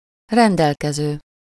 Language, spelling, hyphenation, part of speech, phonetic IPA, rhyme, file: Hungarian, rendelkező, ren‧del‧ke‧ző, verb / noun, [ˈrɛndɛlkɛzøː], -zøː, Hu-rendelkező.ogg
- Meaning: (verb) present participle of rendelkezik; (noun) the holder of, one who owns, possesses